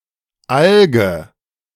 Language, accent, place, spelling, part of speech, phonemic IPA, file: German, Germany, Berlin, Alge, noun / proper noun, /ˈalɡə/, De-Alge.ogg
- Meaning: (noun) alga; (proper noun) a surname